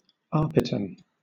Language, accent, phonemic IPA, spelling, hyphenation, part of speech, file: English, Southern England, /ˈɑː.pɪˌtæn/, Arpitan, Ar‧pi‧tan, proper noun, LL-Q1860 (eng)-Arpitan.wav
- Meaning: Franco-Provençal